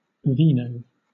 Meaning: Wine
- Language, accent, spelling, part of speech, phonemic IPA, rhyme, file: English, Southern England, vino, noun, /ˈviːnəʊ/, -iːnəʊ, LL-Q1860 (eng)-vino.wav